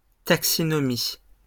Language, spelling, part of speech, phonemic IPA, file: French, taxinomie, noun, /tak.si.nɔ.mi/, LL-Q150 (fra)-taxinomie.wav
- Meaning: taxonomy (science of finding, describing, classifying and naming organisms)